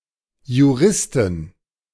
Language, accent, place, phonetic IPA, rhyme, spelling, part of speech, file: German, Germany, Berlin, [juˈʁɪstn̩], -ɪstn̩, Juristen, noun, De-Juristen.ogg
- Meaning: plural of Jurist